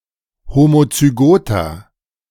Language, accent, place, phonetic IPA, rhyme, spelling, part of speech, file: German, Germany, Berlin, [ˌhomot͡syˈɡoːtɐ], -oːtɐ, homozygoter, adjective, De-homozygoter.ogg
- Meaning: inflection of homozygot: 1. strong/mixed nominative masculine singular 2. strong genitive/dative feminine singular 3. strong genitive plural